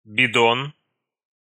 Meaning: 1. can, churn (a large metal or plastic cylindrical container with a secure lid or cover, intended to store and transport liquids, typically milk or liquid fuel) 2. boob, breast, tit
- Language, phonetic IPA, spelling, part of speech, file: Russian, [bʲɪˈdon], бидон, noun, Ru-бидон.ogg